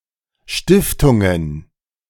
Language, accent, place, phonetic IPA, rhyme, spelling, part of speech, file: German, Germany, Berlin, [ˈʃtɪftʊŋən], -ɪftʊŋən, Stiftungen, noun, De-Stiftungen.ogg
- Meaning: plural of Stiftung